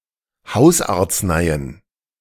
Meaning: plural of Hausarznei
- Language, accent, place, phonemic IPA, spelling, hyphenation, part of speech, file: German, Germany, Berlin, /ˈhaʊ̯saːɐ̯t͡sˌnaɪ̯ən/, Hausarzneien, Haus‧arz‧nei‧en, noun, De-Hausarzneien.ogg